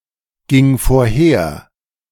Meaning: first/third-person singular preterite of vorhergehen
- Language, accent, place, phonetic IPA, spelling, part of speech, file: German, Germany, Berlin, [ˌɡɪŋ foːɐ̯ˈheːɐ̯], ging vorher, verb, De-ging vorher.ogg